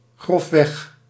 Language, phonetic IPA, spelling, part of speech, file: Dutch, [ˈχrɔfˌʋɛχ], grofweg, adverb, Nl-grofweg.ogg
- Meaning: roughly